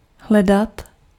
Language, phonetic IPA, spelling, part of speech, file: Czech, [ˈɦlɛdat], hledat, verb, Cs-hledat.ogg
- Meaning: to search, to look for